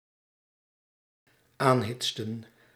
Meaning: inflection of aanhitsen: 1. plural dependent-clause past indicative 2. plural dependent-clause past subjunctive
- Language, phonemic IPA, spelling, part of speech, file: Dutch, /ˈanhɪtstə(n)/, aanhitsten, verb, Nl-aanhitsten.ogg